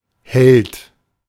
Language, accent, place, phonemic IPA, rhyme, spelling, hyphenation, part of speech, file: German, Germany, Berlin, /hɛlt/, -ɛlt, Held, Held, noun, De-Held.ogg
- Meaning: 1. hero 2. protagonist